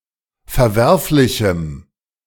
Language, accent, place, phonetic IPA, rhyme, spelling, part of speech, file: German, Germany, Berlin, [fɛɐ̯ˈvɛʁflɪçm̩], -ɛʁflɪçm̩, verwerflichem, adjective, De-verwerflichem.ogg
- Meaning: strong dative masculine/neuter singular of verwerflich